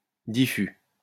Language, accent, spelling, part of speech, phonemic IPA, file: French, France, diffus, adjective, /di.fy/, LL-Q150 (fra)-diffus.wav
- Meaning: diffuse